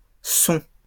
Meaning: plural of son
- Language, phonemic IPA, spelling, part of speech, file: French, /sɔ̃/, sons, noun, LL-Q150 (fra)-sons.wav